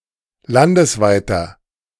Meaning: inflection of landesweit: 1. strong/mixed nominative masculine singular 2. strong genitive/dative feminine singular 3. strong genitive plural
- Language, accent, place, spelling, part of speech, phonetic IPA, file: German, Germany, Berlin, landesweiter, adjective, [ˈlandəsˌvaɪ̯tɐ], De-landesweiter.ogg